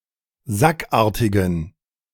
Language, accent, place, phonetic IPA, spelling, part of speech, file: German, Germany, Berlin, [ˈzakˌʔaːɐ̯tɪɡn̩], sackartigen, adjective, De-sackartigen.ogg
- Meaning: inflection of sackartig: 1. strong genitive masculine/neuter singular 2. weak/mixed genitive/dative all-gender singular 3. strong/weak/mixed accusative masculine singular 4. strong dative plural